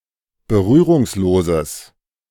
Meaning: strong/mixed nominative/accusative neuter singular of berührungslos
- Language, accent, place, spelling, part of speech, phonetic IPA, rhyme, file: German, Germany, Berlin, berührungsloses, adjective, [bəˈʁyːʁʊŋsˌloːzəs], -yːʁʊŋsloːzəs, De-berührungsloses.ogg